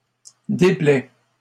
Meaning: inflection of déplaire: 1. first/second-person singular present indicative 2. second-person singular imperative
- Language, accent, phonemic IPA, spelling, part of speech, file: French, Canada, /de.plɛ/, déplais, verb, LL-Q150 (fra)-déplais.wav